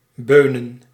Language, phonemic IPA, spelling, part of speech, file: Dutch, /ˈbønə(n)/, beunen, verb / noun, Nl-beunen.ogg
- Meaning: plural of beun